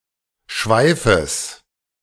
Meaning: genitive singular of Schweif
- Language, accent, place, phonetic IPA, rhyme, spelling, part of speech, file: German, Germany, Berlin, [ˈʃvaɪ̯fəs], -aɪ̯fəs, Schweifes, noun, De-Schweifes.ogg